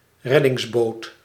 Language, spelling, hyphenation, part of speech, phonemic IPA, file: Dutch, reddingsboot, red‧dings‧boot, noun, /ˈrɛ.dɪŋsˌboːt/, Nl-reddingsboot.ogg
- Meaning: a lifeboat, a boat to save people at sea or in deep internal waters